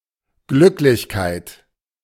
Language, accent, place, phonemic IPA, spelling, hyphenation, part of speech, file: German, Germany, Berlin, /ˈɡlʏklɪçkaɪ̯t/, Glücklichkeit, Glück‧lich‧keit, noun, De-Glücklichkeit.ogg
- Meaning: happiness, joy